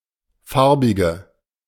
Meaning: female equivalent of Farbiger: female colored person
- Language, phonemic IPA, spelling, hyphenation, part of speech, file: German, /ˈfaʁ.bɪ.ɡə/, Farbige, Far‧bi‧ge, noun, De-Farbige.ogg